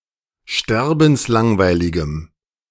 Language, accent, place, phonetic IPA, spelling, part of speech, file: German, Germany, Berlin, [ˈʃtɛʁbn̩sˌlaŋvaɪ̯lɪɡəm], sterbenslangweiligem, adjective, De-sterbenslangweiligem.ogg
- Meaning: strong dative masculine/neuter singular of sterbenslangweilig